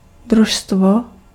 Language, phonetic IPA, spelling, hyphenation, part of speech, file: Czech, [ˈdruʃstvo], družstvo, druž‧stvo, noun, Cs-družstvo.ogg
- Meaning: 1. team 2. squad 3. cooperative (type of company that is owned partially or wholly by its employees, customers or tenants)